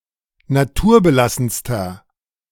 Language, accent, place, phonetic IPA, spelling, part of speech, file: German, Germany, Berlin, [naˈtuːɐ̯bəˌlasn̩stɐ], naturbelassenster, adjective, De-naturbelassenster.ogg
- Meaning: inflection of naturbelassen: 1. strong/mixed nominative masculine singular superlative degree 2. strong genitive/dative feminine singular superlative degree